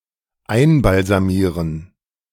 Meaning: to embalm
- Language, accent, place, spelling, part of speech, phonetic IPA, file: German, Germany, Berlin, einbalsamieren, verb, [ˈaɪ̯nbalzaˌmiːʁən], De-einbalsamieren.ogg